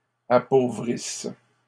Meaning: second-person singular present/imperfect subjunctive of appauvrir
- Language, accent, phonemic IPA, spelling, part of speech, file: French, Canada, /a.po.vʁis/, appauvrisses, verb, LL-Q150 (fra)-appauvrisses.wav